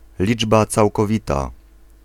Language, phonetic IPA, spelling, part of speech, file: Polish, [ˈlʲid͡ʒba ˌt͡sawkɔˈvʲita], liczba całkowita, noun, Pl-liczba całkowita.ogg